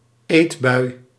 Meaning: a binge, an instance of binge eating
- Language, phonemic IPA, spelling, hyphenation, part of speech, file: Dutch, /ˈeːtˌbœy̯/, eetbui, eet‧bui, noun, Nl-eetbui.ogg